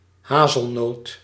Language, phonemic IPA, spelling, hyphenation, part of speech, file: Dutch, /ˈɦaːzəlˌnoːt/, hazelnoot, ha‧zel‧noot, noun, Nl-hazelnoot.ogg
- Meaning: 1. a hazel nut 2. a hazel, a hazel nut tree or shrub; tree of the genus Corylus